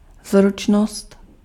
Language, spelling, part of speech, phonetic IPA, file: Czech, zručnost, noun, [ˈzrut͡ʃnost], Cs-zručnost.ogg
- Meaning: dexterity